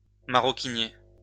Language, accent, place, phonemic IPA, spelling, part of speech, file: French, France, Lyon, /ma.ʁɔ.ki.nje/, maroquinier, noun, LL-Q150 (fra)-maroquinier.wav
- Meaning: leather / morocco craftsman or trader